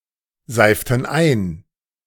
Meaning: inflection of einseifen: 1. first/third-person plural preterite 2. first/third-person plural subjunctive II
- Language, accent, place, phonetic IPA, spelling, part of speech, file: German, Germany, Berlin, [ˌzaɪ̯ftn̩ ˈaɪ̯n], seiften ein, verb, De-seiften ein.ogg